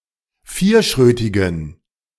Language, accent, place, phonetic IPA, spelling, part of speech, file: German, Germany, Berlin, [ˈfiːɐ̯ˌʃʁøːtɪɡn̩], vierschrötigen, adjective, De-vierschrötigen.ogg
- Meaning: inflection of vierschrötig: 1. strong genitive masculine/neuter singular 2. weak/mixed genitive/dative all-gender singular 3. strong/weak/mixed accusative masculine singular 4. strong dative plural